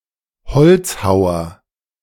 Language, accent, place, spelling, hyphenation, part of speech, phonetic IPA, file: German, Germany, Berlin, Holzhauer, Holz‧hau‧er, noun, [ˈhɔlt͡sˌhaʊ̯ɐ], De-Holzhauer.ogg
- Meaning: woodcutter